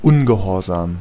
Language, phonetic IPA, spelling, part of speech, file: German, [ˈʊnɡəˌhoːɐ̯zaːm], Ungehorsam, noun, De-Ungehorsam.ogg
- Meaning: disobedience